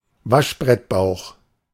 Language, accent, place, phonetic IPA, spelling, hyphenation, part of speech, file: German, Germany, Berlin, [ˈvaʃbʁɛtˌbaʊx], Waschbrettbauch, Wasch‧brett‧bauch, noun, De-Waschbrettbauch.ogg
- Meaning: six-pack, washboard abs